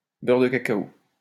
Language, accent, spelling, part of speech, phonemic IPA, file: French, France, beurre de cacao, noun, /bœʁ də ka.ka.o/, LL-Q150 (fra)-beurre de cacao.wav
- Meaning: cocoa butter